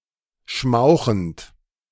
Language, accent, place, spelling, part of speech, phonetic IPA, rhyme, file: German, Germany, Berlin, schmauchend, verb, [ˈʃmaʊ̯xn̩t], -aʊ̯xn̩t, De-schmauchend.ogg
- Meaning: present participle of schmauchen